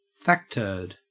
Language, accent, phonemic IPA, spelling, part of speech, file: English, Australia, /ˈfæk.tɜː(ɹ)d/, facturd, noun, En-au-facturd.ogg
- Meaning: A particularly dubious, distasteful, or irrelevant factoid